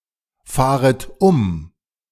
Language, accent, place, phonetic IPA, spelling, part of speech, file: German, Germany, Berlin, [ˌfaːʁət ˈʊm], fahret um, verb, De-fahret um.ogg
- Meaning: second-person plural subjunctive I of umfahren